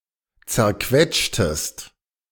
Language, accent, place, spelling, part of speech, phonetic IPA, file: German, Germany, Berlin, zerquetschtest, verb, [t͡sɛɐ̯ˈkvɛtʃtəst], De-zerquetschtest.ogg
- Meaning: inflection of zerquetschen: 1. second-person singular preterite 2. second-person singular subjunctive II